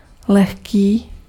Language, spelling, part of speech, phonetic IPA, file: Czech, lehký, adjective, [ˈlɛxkiː], Cs-lehký.ogg
- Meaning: 1. light (of low weight) 2. easy